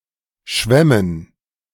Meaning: plural of Schwemme
- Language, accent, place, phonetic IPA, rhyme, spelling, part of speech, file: German, Germany, Berlin, [ˈʃvɛmən], -ɛmən, Schwemmen, noun, De-Schwemmen.ogg